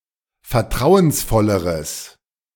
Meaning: strong/mixed nominative/accusative neuter singular comparative degree of vertrauensvoll
- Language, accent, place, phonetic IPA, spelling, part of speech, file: German, Germany, Berlin, [fɛɐ̯ˈtʁaʊ̯ənsˌfɔləʁəs], vertrauensvolleres, adjective, De-vertrauensvolleres.ogg